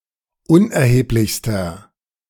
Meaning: inflection of unerheblich: 1. strong/mixed nominative masculine singular superlative degree 2. strong genitive/dative feminine singular superlative degree 3. strong genitive plural superlative degree
- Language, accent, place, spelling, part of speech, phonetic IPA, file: German, Germany, Berlin, unerheblichster, adjective, [ˈʊnʔɛɐ̯heːplɪçstɐ], De-unerheblichster.ogg